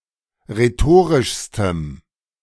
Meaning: strong dative masculine/neuter singular superlative degree of rhetorisch
- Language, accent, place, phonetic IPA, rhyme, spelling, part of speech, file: German, Germany, Berlin, [ʁeˈtoːʁɪʃstəm], -oːʁɪʃstəm, rhetorischstem, adjective, De-rhetorischstem.ogg